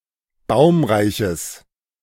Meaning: strong/mixed nominative/accusative neuter singular of baumreich
- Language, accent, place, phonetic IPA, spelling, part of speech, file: German, Germany, Berlin, [ˈbaʊ̯mʁaɪ̯çəs], baumreiches, adjective, De-baumreiches.ogg